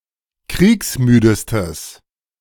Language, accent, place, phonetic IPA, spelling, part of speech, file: German, Germany, Berlin, [ˈkʁiːksˌmyːdəstəs], kriegsmüdestes, adjective, De-kriegsmüdestes.ogg
- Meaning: strong/mixed nominative/accusative neuter singular superlative degree of kriegsmüde